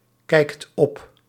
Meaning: inflection of opkijken: 1. second/third-person singular present indicative 2. plural imperative
- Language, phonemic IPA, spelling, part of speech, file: Dutch, /ˈkɛikt ˈɔp/, kijkt op, verb, Nl-kijkt op.ogg